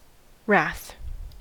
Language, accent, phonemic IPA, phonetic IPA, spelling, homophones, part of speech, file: English, General American, /ɹæθ/, [ɹʷæθ], wrath, wroth, noun / verb / adjective, En-us-wrath.ogg
- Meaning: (noun) 1. Great anger; (countable) an instance of this 2. Punishment, retribution, or vengeance resulting from anger; (countable) an instance of this 3. Great ardour or passion